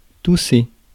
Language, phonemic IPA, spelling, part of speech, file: French, /tu.se/, tousser, verb, Fr-tousser.ogg
- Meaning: to cough